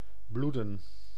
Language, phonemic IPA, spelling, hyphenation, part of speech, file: Dutch, /ˈbludə(n)/, bloeden, bloe‧den, verb, Nl-bloeden.ogg
- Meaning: to bleed